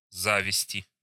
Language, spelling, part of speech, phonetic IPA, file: Russian, зависти, noun, [ˈzavʲɪsʲtʲɪ], Ru-зависти.ogg
- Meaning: inflection of за́висть (závistʹ): 1. genitive/dative/prepositional singular 2. nominative/accusative plural